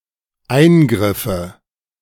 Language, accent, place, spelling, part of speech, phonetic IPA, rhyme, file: German, Germany, Berlin, eingriffe, verb, [ˈaɪ̯nˌɡʁɪfə], -aɪ̯nɡʁɪfə, De-eingriffe.ogg
- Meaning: first/third-person singular dependent subjunctive II of eingreifen